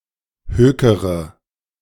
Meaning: inflection of hökern: 1. first-person singular present 2. first-person plural subjunctive I 3. third-person singular subjunctive I 4. singular imperative
- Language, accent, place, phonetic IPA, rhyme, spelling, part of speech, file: German, Germany, Berlin, [ˈhøːkəʁə], -øːkəʁə, hökere, verb, De-hökere.ogg